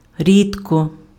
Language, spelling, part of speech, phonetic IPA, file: Ukrainian, рідко, adverb, [ˈrʲidkɔ], Uk-рідко.ogg
- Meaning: rarely, seldom